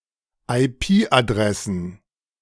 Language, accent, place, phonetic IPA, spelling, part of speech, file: German, Germany, Berlin, [aɪ̯ˈpiːʔaˌdʁɛsn̩], IP-Adressen, noun, De-IP-Adressen.ogg
- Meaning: plural of IP-Adresse